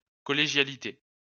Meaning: collegiality
- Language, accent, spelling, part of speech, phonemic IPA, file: French, France, collégialité, noun, /kɔ.le.ʒja.li.te/, LL-Q150 (fra)-collégialité.wav